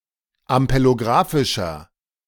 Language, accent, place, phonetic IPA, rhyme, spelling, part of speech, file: German, Germany, Berlin, [ampeloˈɡʁaːfɪʃɐ], -aːfɪʃɐ, ampelographischer, adjective, De-ampelographischer.ogg
- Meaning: inflection of ampelographisch: 1. strong/mixed nominative masculine singular 2. strong genitive/dative feminine singular 3. strong genitive plural